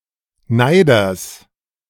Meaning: genitive singular of Neider
- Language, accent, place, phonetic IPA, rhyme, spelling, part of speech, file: German, Germany, Berlin, [ˈnaɪ̯dɐs], -aɪ̯dɐs, Neiders, noun, De-Neiders.ogg